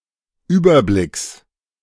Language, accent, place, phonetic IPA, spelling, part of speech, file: German, Germany, Berlin, [ˈyːbɐˌblɪks], Überblicks, noun, De-Überblicks.ogg
- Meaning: genitive singular of Überblick